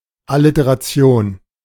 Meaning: alliteration
- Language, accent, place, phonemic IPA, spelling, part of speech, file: German, Germany, Berlin, /alɪteʁaˈt͡si̯oːn/, Alliteration, noun, De-Alliteration.ogg